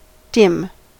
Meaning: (adjective) 1. Not bright or colorful 2. Not smart or intelligent 3. Indistinct, hazy or unclear 4. Disapproving, unfavorable: rarely used outside the phrase take a dim view of; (noun) Dimness
- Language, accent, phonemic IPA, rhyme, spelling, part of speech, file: English, US, /dɪm/, -ɪm, dim, adjective / noun / verb, En-us-dim.ogg